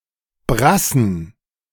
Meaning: plural of Brasse
- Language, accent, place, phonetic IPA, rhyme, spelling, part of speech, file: German, Germany, Berlin, [ˈbʁasn̩], -asn̩, Brassen, noun, De-Brassen.ogg